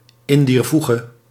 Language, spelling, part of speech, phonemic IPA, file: Dutch, in dier voege, prepositional phrase, /ɪn diːr vuɣə/, Nl-in dier voege.ogg
- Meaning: (in) that way